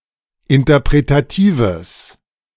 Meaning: strong/mixed nominative/accusative neuter singular of interpretativ
- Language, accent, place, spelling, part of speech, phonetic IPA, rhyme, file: German, Germany, Berlin, interpretatives, adjective, [ɪntɐpʁetaˈtiːvəs], -iːvəs, De-interpretatives.ogg